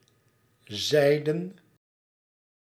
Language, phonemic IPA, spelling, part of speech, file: Dutch, /ˈzɛi̯dən/, zeiden, verb, Nl-zeiden.ogg
- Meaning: inflection of zeggen: 1. plural past indicative 2. plural past subjunctive